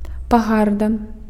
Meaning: disdain, contempt
- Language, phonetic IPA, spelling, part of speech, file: Belarusian, [paˈɣarda], пагарда, noun, Be-пагарда.ogg